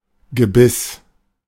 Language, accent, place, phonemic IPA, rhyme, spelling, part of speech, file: German, Germany, Berlin, /ɡəˈbɪs/, -ɪs, Gebiss, noun, De-Gebiss.ogg
- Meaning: 1. set of teeth 2. dentures 3. bit (part of a bridle)